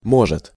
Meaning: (adverb) ellipsis of мо́жет быть (móžet bytʹ): maybe, perhaps, possibly; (verb) third-person singular present indicative imperfective of мочь (močʹ)
- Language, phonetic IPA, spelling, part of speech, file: Russian, [ˈmoʐɨt], может, adverb / verb, Ru-может.ogg